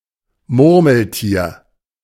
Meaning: marmot
- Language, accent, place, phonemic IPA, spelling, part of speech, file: German, Germany, Berlin, /ˈmʊrməlˌtiːr/, Murmeltier, noun, De-Murmeltier.ogg